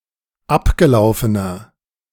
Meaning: inflection of abgelaufen: 1. strong/mixed nominative masculine singular 2. strong genitive/dative feminine singular 3. strong genitive plural
- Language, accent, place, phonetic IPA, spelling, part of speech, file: German, Germany, Berlin, [ˈapɡəˌlaʊ̯fənɐ], abgelaufener, adjective, De-abgelaufener.ogg